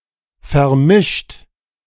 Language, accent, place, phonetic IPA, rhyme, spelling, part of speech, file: German, Germany, Berlin, [fɛɐ̯ˈmɪʃt], -ɪʃt, vermischt, verb, De-vermischt.ogg
- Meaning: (verb) past participle of vermischen; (adjective) mixed, blended, intermingled